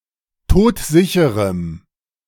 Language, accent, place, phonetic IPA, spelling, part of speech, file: German, Germany, Berlin, [ˈtoːtˈzɪçəʁəm], todsicherem, adjective, De-todsicherem.ogg
- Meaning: strong dative masculine/neuter singular of todsicher